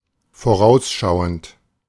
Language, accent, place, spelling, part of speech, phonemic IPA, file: German, Germany, Berlin, vorausschauend, verb / adjective, /foˈʁaʊ̯sˌʃaʊ̯ənt/, De-vorausschauend.ogg
- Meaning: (verb) present participle of vorausschauen; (adjective) 1. anticipatory 2. prescient, foresighted 3. predictive 4. provident